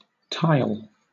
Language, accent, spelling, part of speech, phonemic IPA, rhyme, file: English, Southern England, tile, noun / verb, /taɪl/, -aɪl, LL-Q1860 (eng)-tile.wav
- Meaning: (noun) 1. A regularly-shaped slab of clay or other material, affixed to cover or decorate a surface, as in a roof-tile, glazed tile, stove tile, carpet tile, etc 2. A rectangular graphic